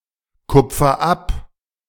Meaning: inflection of abkupfern: 1. first-person singular present 2. singular imperative
- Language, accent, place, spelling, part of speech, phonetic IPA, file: German, Germany, Berlin, kupfer ab, verb, [ˌkʊp͡fɐ ˈap], De-kupfer ab.ogg